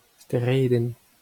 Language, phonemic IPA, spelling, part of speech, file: Breton, /ste.ˈʁe.dɛ̃n/, steredenn, noun, LL-Q12107 (bre)-steredenn.wav
- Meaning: singulative of stered (“stars”)